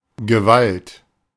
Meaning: 1. strong or violent force 2. violence 3. physical control or power 4. authority; legally established control or power
- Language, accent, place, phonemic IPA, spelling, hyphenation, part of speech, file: German, Germany, Berlin, /ɡəˈvalt/, Gewalt, Ge‧walt, noun, De-Gewalt.ogg